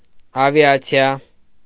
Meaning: 1. aviation 2. air force
- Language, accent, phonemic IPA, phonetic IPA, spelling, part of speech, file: Armenian, Eastern Armenian, /ɑvjɑt͡sʰiˈɑ/, [ɑvjɑt͡sʰjɑ́], ավիացիա, noun, Hy-ավիացիա.ogg